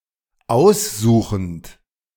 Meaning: present participle of aussuchen
- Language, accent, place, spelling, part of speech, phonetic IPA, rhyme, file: German, Germany, Berlin, aussuchend, verb, [ˈaʊ̯sˌzuːxn̩t], -aʊ̯szuːxn̩t, De-aussuchend.ogg